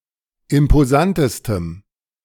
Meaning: strong dative masculine/neuter singular superlative degree of imposant
- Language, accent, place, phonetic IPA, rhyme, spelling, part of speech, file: German, Germany, Berlin, [ɪmpoˈzantəstəm], -antəstəm, imposantestem, adjective, De-imposantestem.ogg